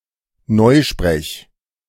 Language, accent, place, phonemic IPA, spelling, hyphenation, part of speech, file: German, Germany, Berlin, /ˈnɔɪ̯ʃpʁɛç/, Neusprech, Neu‧sprech, noun / proper noun, De-Neusprech.ogg
- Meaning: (noun) newspeak (use of ambiguous or euphemistic words in order to deceive the listener); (proper noun) Newspeak (fictional language)